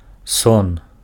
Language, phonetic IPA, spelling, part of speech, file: Belarusian, [son], сон, noun, Be-сон.ogg
- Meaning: 1. sleep 2. dream